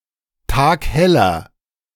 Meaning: inflection of taghell: 1. strong/mixed nominative masculine singular 2. strong genitive/dative feminine singular 3. strong genitive plural
- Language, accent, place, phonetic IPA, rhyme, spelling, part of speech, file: German, Germany, Berlin, [ˈtaːkˈhɛlɐ], -ɛlɐ, tagheller, adjective, De-tagheller.ogg